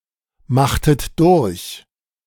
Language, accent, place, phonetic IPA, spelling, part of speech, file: German, Germany, Berlin, [ˌmaxtət ˈdʊʁç], machtet durch, verb, De-machtet durch.ogg
- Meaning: inflection of durchmachen: 1. second-person plural preterite 2. second-person plural subjunctive II